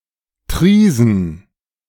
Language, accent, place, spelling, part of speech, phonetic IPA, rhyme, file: German, Germany, Berlin, Triesen, proper noun, [ˈtʁiːzn̩], -iːzn̩, De-Triesen.ogg
- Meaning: a municipality of Liechtenstein